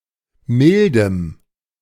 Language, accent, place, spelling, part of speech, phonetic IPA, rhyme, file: German, Germany, Berlin, mildem, adjective, [ˈmɪldəm], -ɪldəm, De-mildem.ogg
- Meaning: strong dative masculine/neuter singular of mild